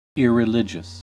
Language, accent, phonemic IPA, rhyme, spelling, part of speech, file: English, US, /ˌɪɹɪˈlɪd͡ʒəs/, -ɪdʒəs, irreligious, adjective, En-us-irreligious.ogg
- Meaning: 1. Having no relation to religion 2. Contrary to religious beliefs and practices 3. Contrary to religious beliefs and practices.: In conscious rejection of religion